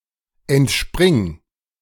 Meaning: singular imperative of entspringen
- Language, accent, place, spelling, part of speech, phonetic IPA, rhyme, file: German, Germany, Berlin, entspring, verb, [ɛntˈʃpʁɪŋ], -ɪŋ, De-entspring.ogg